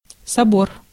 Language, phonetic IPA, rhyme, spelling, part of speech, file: Russian, [sɐˈbor], -or, собор, noun, Ru-собор.ogg
- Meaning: 1. cathedral, catholicon (a large church, usually the current or former seat of a bishop) 2. council, diet (formal assembly)